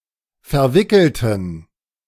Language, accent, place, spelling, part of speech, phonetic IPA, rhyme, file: German, Germany, Berlin, verwickelten, adjective / verb, [fɛɐ̯ˈvɪkl̩tn̩], -ɪkl̩tn̩, De-verwickelten.ogg
- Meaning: inflection of verwickelt: 1. strong genitive masculine/neuter singular 2. weak/mixed genitive/dative all-gender singular 3. strong/weak/mixed accusative masculine singular 4. strong dative plural